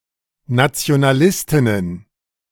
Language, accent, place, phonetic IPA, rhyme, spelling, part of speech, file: German, Germany, Berlin, [nat͡si̯onaˈlɪstɪnən], -ɪstɪnən, Nationalistinnen, noun, De-Nationalistinnen.ogg
- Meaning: plural of Nationalistin